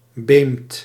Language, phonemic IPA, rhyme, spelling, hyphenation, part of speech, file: Dutch, /beːmt/, -eːmt, beemd, beemd, noun, Nl-beemd.ogg
- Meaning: low-lying pasture or meadow near water, e.g. a floodplain or a grassy polder